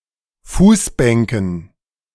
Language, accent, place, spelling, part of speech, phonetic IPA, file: German, Germany, Berlin, Fußbänken, noun, [ˈfuːsˌbɛŋkn̩], De-Fußbänken.ogg
- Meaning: dative plural of Fußbank